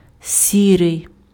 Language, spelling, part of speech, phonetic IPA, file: Ukrainian, сірий, adjective, [ˈsʲirei̯], Uk-сірий.ogg
- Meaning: gray, grey (color)